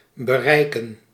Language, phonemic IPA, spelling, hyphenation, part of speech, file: Dutch, /bəˈrɛi̯kə(n)/, bereiken, be‧rei‧ken, verb / noun, Nl-bereiken.ogg
- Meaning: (verb) 1. to arrive at, to reach, to get to 2. to achieve, to attain; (noun) plural of bereik